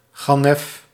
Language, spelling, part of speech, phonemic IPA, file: Dutch, gannef, noun, /ˈɣɑ.nəf/, Nl-gannef.ogg
- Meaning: thief